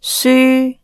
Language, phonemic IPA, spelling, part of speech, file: Cantonese, /syː⁵⁵/, syu1, romanization, Yue-syu1.ogg
- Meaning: 1. Jyutping transcription of 抒 2. Jyutping transcription of 書 /书 3. Jyutping transcription of 樗 4. Jyutping transcription of 樞 /枢 5. Jyutping transcription of 紓 /纾 6. Jyutping transcription of 舒